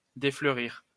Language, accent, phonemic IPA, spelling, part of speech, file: French, France, /de.flœ.ʁiʁ/, défleurir, verb, LL-Q150 (fra)-défleurir.wav
- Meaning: 1. to shed blossoms 2. "to nip or strip off blossoms; to take off the bloom of fruit (by handling it)"